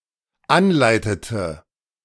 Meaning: inflection of anleiten: 1. first/third-person singular dependent preterite 2. first/third-person singular dependent subjunctive II
- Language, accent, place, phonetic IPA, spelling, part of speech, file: German, Germany, Berlin, [ˈanˌlaɪ̯tətə], anleitete, verb, De-anleitete.ogg